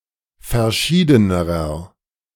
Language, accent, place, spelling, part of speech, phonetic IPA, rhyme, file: German, Germany, Berlin, verschiedenerer, adjective, [fɛɐ̯ˈʃiːdənəʁɐ], -iːdənəʁɐ, De-verschiedenerer.ogg
- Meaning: inflection of verschieden: 1. strong/mixed nominative masculine singular comparative degree 2. strong genitive/dative feminine singular comparative degree 3. strong genitive plural comparative degree